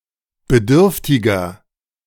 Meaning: 1. comparative degree of bedürftig 2. inflection of bedürftig: strong/mixed nominative masculine singular 3. inflection of bedürftig: strong genitive/dative feminine singular
- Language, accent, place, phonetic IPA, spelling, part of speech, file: German, Germany, Berlin, [bəˈdʏʁftɪɡɐ], bedürftiger, adjective, De-bedürftiger.ogg